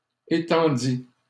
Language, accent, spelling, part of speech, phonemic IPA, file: French, Canada, étendis, verb, /e.tɑ̃.di/, LL-Q150 (fra)-étendis.wav
- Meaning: first/second-person singular past historic of étendre